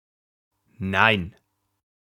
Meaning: no
- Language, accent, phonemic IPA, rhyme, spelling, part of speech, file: German, Germany, /naɪ̯n/, -aɪ̯n, nein, interjection, De-nein.ogg